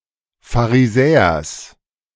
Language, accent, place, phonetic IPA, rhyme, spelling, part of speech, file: German, Germany, Berlin, [faʁiˈzɛːɐs], -ɛːɐs, Pharisäers, noun, De-Pharisäers.ogg
- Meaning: genitive singular of Pharisäer